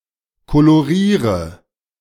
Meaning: inflection of kolorieren: 1. first-person singular present 2. singular imperative 3. first/third-person singular subjunctive I
- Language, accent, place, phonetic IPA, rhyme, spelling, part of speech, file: German, Germany, Berlin, [koloˈʁiːʁə], -iːʁə, koloriere, verb, De-koloriere.ogg